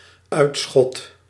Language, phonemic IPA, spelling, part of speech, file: Dutch, /ˈœy̯t.sxɔt/, uitschot, noun, Nl-uitschot.ogg
- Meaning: dregs of society; scum